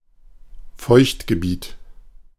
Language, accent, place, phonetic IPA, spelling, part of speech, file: German, Germany, Berlin, [ˈfɔɪ̯çtɡəˌbiːt], Feuchtgebiet, noun, De-Feuchtgebiet.ogg
- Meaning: wetland